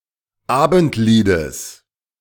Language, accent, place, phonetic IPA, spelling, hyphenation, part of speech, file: German, Germany, Berlin, [ˈaːbn̩tˌliːdəs], Abendliedes, Abend‧lie‧des, noun, De-Abendliedes.ogg
- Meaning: genitive singular of Abendlied